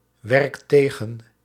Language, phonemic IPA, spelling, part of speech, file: Dutch, /ˈwɛrᵊkt ˈteɣə(n)/, werkt tegen, verb, Nl-werkt tegen.ogg
- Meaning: inflection of tegenwerken: 1. second/third-person singular present indicative 2. plural imperative